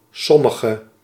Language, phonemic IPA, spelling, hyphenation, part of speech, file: Dutch, /ˈsɔməɣə/, sommige, som‧mi‧ge, determiner / pronoun, Nl-sommige.ogg
- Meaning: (determiner) inflection of sommig (“some”): 1. indefinite masculine/feminine singular attributive 2. indefinite plural attributive; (pronoun) some